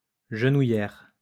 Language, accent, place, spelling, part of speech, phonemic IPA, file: French, France, Lyon, genouillère, noun, /ʒə.nu.jɛʁ/, LL-Q150 (fra)-genouillère.wav
- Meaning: knee pad